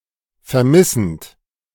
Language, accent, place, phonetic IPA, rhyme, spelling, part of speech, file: German, Germany, Berlin, [fɛɐ̯ˈmɪsn̩t], -ɪsn̩t, vermissend, verb, De-vermissend.ogg
- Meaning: present participle of vermissen